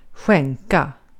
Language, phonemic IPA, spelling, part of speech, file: Swedish, /²ɧɛŋka/, skänka, verb, Sv-skänka.ogg
- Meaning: to give, to donate